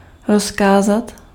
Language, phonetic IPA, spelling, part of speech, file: Czech, [ˈroskaːzat], rozkázat, verb, Cs-rozkázat.ogg
- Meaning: to order, command